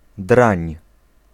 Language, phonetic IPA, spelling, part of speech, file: Polish, [drãɲ], drań, noun, Pl-drań.ogg